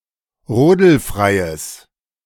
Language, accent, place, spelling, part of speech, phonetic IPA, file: German, Germany, Berlin, rodelfreies, adjective, [ˈʁoːdl̩ˌfʁaɪ̯əs], De-rodelfreies.ogg
- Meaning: strong/mixed nominative/accusative neuter singular of rodelfrei